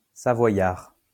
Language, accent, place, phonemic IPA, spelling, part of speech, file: French, France, Lyon, /sa.vwa.jaʁ/, savoyard, adjective / noun, LL-Q150 (fra)-savoyard.wav
- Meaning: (adjective) Savoyard (of, from or relating to Savoy, a cultural region, largely part of the modern administrative region of Auvergne-Rhône-Alpes, France); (noun) Savoyard (dialect)